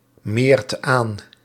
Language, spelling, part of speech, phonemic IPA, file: Dutch, meert aan, verb, /ˈmert ˈan/, Nl-meert aan.ogg
- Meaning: inflection of aanmeren: 1. second/third-person singular present indicative 2. plural imperative